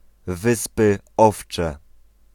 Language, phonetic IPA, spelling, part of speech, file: Polish, [ˈvɨspɨ ˈɔft͡ʃɛ], Wyspy Owcze, proper noun, Pl-Wyspy Owcze.ogg